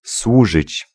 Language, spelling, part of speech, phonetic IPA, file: Polish, służyć, verb, [ˈswuʒɨt͡ɕ], Pl-służyć.ogg